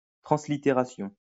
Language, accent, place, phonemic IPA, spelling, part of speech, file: French, France, Lyon, /tʁɑ̃.sli.te.ʁa.sjɔ̃/, translittération, noun, LL-Q150 (fra)-translittération.wav
- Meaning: transliteration (action of translitering)